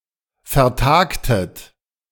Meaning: inflection of vertagen: 1. second-person plural preterite 2. second-person plural subjunctive II
- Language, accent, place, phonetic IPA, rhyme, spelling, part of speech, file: German, Germany, Berlin, [fɛɐ̯ˈtaːktət], -aːktət, vertagtet, verb, De-vertagtet.ogg